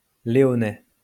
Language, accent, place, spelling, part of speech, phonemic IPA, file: French, France, Lyon, léonais, noun / adjective, /le.ɔ.nɛ/, LL-Q150 (fra)-léonais.wav
- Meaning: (noun) Leonese language; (adjective) Leonese